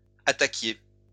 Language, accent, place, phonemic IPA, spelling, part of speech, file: French, France, Lyon, /a.ta.kje/, attaquiez, verb, LL-Q150 (fra)-attaquiez.wav
- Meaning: inflection of attaquer: 1. second-person plural imperfect indicative 2. second-person plural present subjunctive